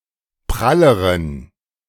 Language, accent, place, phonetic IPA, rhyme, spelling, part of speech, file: German, Germany, Berlin, [ˈpʁaləʁən], -aləʁən, pralleren, adjective, De-pralleren.ogg
- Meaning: inflection of prall: 1. strong genitive masculine/neuter singular comparative degree 2. weak/mixed genitive/dative all-gender singular comparative degree